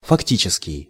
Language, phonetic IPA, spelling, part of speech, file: Russian, [fɐkˈtʲit͡ɕɪskʲɪj], фактический, adjective, Ru-фактический.ogg
- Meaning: 1. factual, actual, real 2. de facto